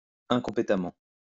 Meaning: incompetently
- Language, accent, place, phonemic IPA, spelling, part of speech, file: French, France, Lyon, /ɛ̃.kɔ̃.pe.ta.mɑ̃/, incompétemment, adverb, LL-Q150 (fra)-incompétemment.wav